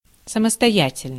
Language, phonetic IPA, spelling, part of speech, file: Russian, [səməstɐˈjætʲɪlʲnɨj], самостоятельный, adjective, Ru-самостоятельный.ogg
- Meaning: 1. independent, self-dependent, free 2. self-reliant, self-sufficient